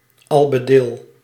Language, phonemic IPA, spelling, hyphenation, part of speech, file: Dutch, /ˈɑl.bəˌdɪl/, albedil, al‧be‧dil, noun, Nl-albedil.ogg
- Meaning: someone who condescends excessively and pettily